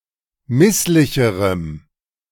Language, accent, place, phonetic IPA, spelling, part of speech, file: German, Germany, Berlin, [ˈmɪslɪçəʁəm], misslicherem, adjective, De-misslicherem.ogg
- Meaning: strong dative masculine/neuter singular comparative degree of misslich